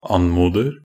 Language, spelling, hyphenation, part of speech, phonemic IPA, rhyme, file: Norwegian Bokmål, anmoder, an‧mo‧der, verb, /ˈan.muːdər/, -ər, Nb-anmoder.ogg
- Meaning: present tense of anmode